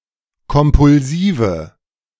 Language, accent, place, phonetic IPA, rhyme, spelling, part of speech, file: German, Germany, Berlin, [kɔmpʊlˈziːvə], -iːvə, kompulsive, adjective, De-kompulsive.ogg
- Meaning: inflection of kompulsiv: 1. strong/mixed nominative/accusative feminine singular 2. strong nominative/accusative plural 3. weak nominative all-gender singular